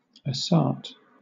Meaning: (noun) 1. Forest land cleared for agriculture 2. The act or offence of grubbing up trees and bushes, and thus destroying the thickets or coverts of a forest
- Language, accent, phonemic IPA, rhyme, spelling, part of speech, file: English, Southern England, /əˈsɑː(ɹ)t/, -ɑː(ɹ)t, assart, noun / verb, LL-Q1860 (eng)-assart.wav